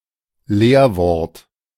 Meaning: function word
- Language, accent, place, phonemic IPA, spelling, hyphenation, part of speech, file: German, Germany, Berlin, /ˈleːɐ̯ˌvɔɐ̯t/, Leerwort, Leer‧wort, noun, De-Leerwort.ogg